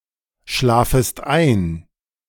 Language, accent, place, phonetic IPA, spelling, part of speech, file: German, Germany, Berlin, [ˌʃlaːfəst ˈaɪ̯n], schlafest ein, verb, De-schlafest ein.ogg
- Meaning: second-person singular subjunctive I of einschlafen